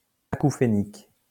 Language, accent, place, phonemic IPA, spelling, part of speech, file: French, France, Lyon, /a.ku.fe.nik/, acouphénique, adjective, LL-Q150 (fra)-acouphénique.wav
- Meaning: tinnitus